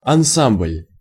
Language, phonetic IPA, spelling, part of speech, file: Russian, [ɐnˈsamblʲ], ансамбль, noun, Ru-ансамбль.ogg
- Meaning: ensemble (various senses)